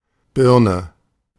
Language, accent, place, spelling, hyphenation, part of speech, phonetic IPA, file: German, Germany, Berlin, Birne, Bir‧ne, noun, [ˈbɪrnə], De-Birne.ogg
- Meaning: 1. pear 2. lightbulb 3. head, bonce, noggin